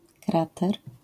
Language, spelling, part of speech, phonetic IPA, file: Polish, krater, noun, [ˈkratɛr], LL-Q809 (pol)-krater.wav